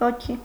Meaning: spirit
- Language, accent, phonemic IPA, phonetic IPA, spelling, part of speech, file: Armenian, Eastern Armenian, /voˈkʰi/, [vokʰí], ոգի, noun, Hy-ոգի.ogg